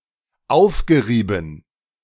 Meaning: past participle of aufreiben
- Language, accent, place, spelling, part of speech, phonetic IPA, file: German, Germany, Berlin, aufgerieben, verb, [ˈaʊ̯fɡəˌʁiːbn̩], De-aufgerieben.ogg